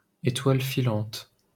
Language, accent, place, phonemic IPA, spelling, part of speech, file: French, France, Paris, /e.twal fi.lɑ̃t/, étoile filante, noun, LL-Q150 (fra)-étoile filante.wav
- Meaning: shooting star, falling star